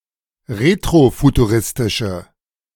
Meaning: inflection of retrofuturistisch: 1. strong/mixed nominative/accusative feminine singular 2. strong nominative/accusative plural 3. weak nominative all-gender singular
- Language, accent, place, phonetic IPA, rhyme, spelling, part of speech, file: German, Germany, Berlin, [ˌʁetʁofutuˈʁɪstɪʃə], -ɪstɪʃə, retrofuturistische, adjective, De-retrofuturistische.ogg